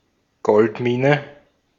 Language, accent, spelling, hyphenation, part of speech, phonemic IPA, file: German, Austria, Goldmine, Gold‧mi‧ne, noun, /ˈɡɔltˌmiːnə/, De-at-Goldmine.ogg
- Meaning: goldmine, gold mine